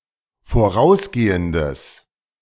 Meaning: strong/mixed nominative/accusative neuter singular of vorausgehend
- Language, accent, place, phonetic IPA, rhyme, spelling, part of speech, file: German, Germany, Berlin, [foˈʁaʊ̯sˌɡeːəndəs], -aʊ̯sɡeːəndəs, vorausgehendes, adjective, De-vorausgehendes.ogg